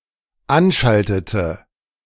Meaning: inflection of anschalten: 1. first/third-person singular dependent preterite 2. first/third-person singular dependent subjunctive II
- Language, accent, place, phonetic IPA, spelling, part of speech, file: German, Germany, Berlin, [ˈanˌʃaltətə], anschaltete, verb, De-anschaltete.ogg